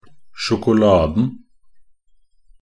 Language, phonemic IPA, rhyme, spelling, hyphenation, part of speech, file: Norwegian Bokmål, /ʃʊkʊˈlɑːdn̩/, -ɑːdn̩, sjokoladen, sjo‧ko‧la‧den, noun, Nb-sjokoladen.ogg
- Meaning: definite singular of sjokolade